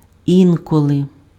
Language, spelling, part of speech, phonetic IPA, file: Ukrainian, інколи, adverb, [ˈinkɔɫe], Uk-інколи.ogg
- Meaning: 1. sometimes, at times 2. now and then